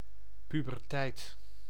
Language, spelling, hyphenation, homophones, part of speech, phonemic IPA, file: Dutch, puberteit, pu‧ber‧teit, pubertijd, noun, /ˌpy.bərˈtɛi̯t/, Nl-puberteit.ogg
- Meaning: puberty